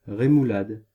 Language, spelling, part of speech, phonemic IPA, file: French, rémoulade, noun, /ʁe.mu.lad/, Fr-rémoulade.ogg
- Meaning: remoulade